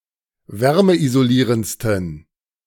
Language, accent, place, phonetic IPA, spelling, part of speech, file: German, Germany, Berlin, [ˈvɛʁməʔizoˌliːʁənt͡stn̩], wärmeisolierendsten, adjective, De-wärmeisolierendsten.ogg
- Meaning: 1. superlative degree of wärmeisolierend 2. inflection of wärmeisolierend: strong genitive masculine/neuter singular superlative degree